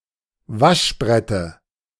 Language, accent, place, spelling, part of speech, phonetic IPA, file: German, Germany, Berlin, Waschbrette, noun, [ˈvaʃˌbʁɛtə], De-Waschbrette.ogg
- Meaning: dative of Waschbrett